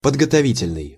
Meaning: preparatory, preparation
- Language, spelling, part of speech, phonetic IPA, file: Russian, подготовительный, adjective, [pədɡətɐˈvʲitʲɪlʲnɨj], Ru-подготовительный.ogg